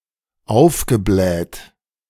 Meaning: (verb) past participle of aufblähen; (adjective) bloated, puffy, swollen, distended
- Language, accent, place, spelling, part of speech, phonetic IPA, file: German, Germany, Berlin, aufgebläht, verb / adjective, [ˈaʊ̯fɡəˌblɛːt], De-aufgebläht.ogg